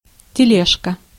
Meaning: 1. diminutive of теле́га (teléga); small telega 2. hand truck, dolly 3. wheelbarrow
- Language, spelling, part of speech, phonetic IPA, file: Russian, тележка, noun, [tʲɪˈlʲeʂkə], Ru-тележка.ogg